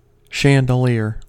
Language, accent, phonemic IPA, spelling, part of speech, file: English, US, /ˌʃæn.dəˈlɪɚ/, chandelier, noun, En-us-chandelier.ogg
- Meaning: 1. A branched, often ornate, light fixture suspended from a ceiling 2. A branched, often ornate, light fixture suspended from a ceiling.: One lit by candles